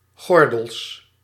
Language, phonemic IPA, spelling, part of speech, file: Dutch, /ˈɣɔrdəls/, gordels, noun, Nl-gordels.ogg
- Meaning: plural of gordel